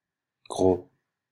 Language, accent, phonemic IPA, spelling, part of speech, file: French, Belgium, /ɡʁo/, gros, adjective / noun, Fr-BE-gros.ogg
- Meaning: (adjective) 1. big, thick, fat 2. coarse, rough 3. famous 4. pregnant; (noun) 1. an overweight person 2. the bulk, the majority